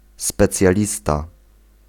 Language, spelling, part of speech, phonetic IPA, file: Polish, specjalista, noun, [ˌspɛt͡sʲjaˈlʲista], Pl-specjalista.ogg